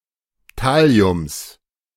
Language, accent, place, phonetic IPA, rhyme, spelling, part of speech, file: German, Germany, Berlin, [ˈtali̯ʊms], -ali̯ʊms, Thalliums, noun, De-Thalliums.ogg
- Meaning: genitive singular of Thallium